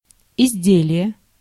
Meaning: article, product, (plural) goods, wares
- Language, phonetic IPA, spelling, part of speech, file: Russian, [ɪzʲˈdʲelʲɪje], изделие, noun, Ru-изделие.ogg